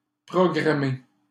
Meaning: 1. to program 2. to program, to write program code
- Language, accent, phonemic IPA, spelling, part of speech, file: French, Canada, /pʁɔ.ɡʁa.me/, programmer, verb, LL-Q150 (fra)-programmer.wav